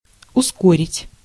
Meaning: 1. to hasten, to quicken, to accelerate 2. to expedite, to speed up 3. to precipitate
- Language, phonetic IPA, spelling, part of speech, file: Russian, [ʊˈskorʲɪtʲ], ускорить, verb, Ru-ускорить.ogg